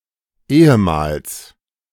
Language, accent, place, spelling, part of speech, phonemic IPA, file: German, Germany, Berlin, ehemals, adverb, /ˈʔeːəmaːls/, De-ehemals.ogg
- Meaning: formerly